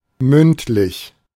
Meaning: oral
- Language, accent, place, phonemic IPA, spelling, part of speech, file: German, Germany, Berlin, /ˈmʏntˌlɪç/, mündlich, adjective, De-mündlich.ogg